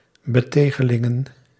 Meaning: plural of betegeling
- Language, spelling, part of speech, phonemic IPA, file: Dutch, betegelingen, noun, /bəˈtexəˌlɪŋə(n)/, Nl-betegelingen.ogg